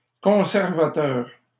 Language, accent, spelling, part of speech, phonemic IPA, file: French, Canada, conservateur, noun / adjective, /kɔ̃.sɛʁ.va.tœʁ/, LL-Q150 (fra)-conservateur.wav
- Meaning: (noun) 1. keeper, curator, custodian 2. conservative 3. Conservative 4. preservative